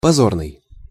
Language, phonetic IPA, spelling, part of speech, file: Russian, [pɐˈzornɨj], позорный, adjective, Ru-позорный.ogg
- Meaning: disgraceful, shameful